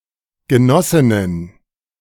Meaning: plural of Genossin
- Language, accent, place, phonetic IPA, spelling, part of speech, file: German, Germany, Berlin, [ɡəˈnɔsɪnən], Genossinnen, noun, De-Genossinnen.ogg